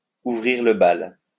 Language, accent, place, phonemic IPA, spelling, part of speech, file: French, France, Lyon, /u.vʁiʁ lə bal/, ouvrir le bal, verb, LL-Q150 (fra)-ouvrir le bal.wav
- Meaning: open the ball (to begin operations; to set things in motion)